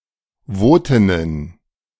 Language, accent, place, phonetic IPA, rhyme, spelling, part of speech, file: German, Germany, Berlin, [ˈvoːtɪnən], -oːtɪnən, Wotinnen, noun, De-Wotinnen.ogg
- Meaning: feminine plural of Wotin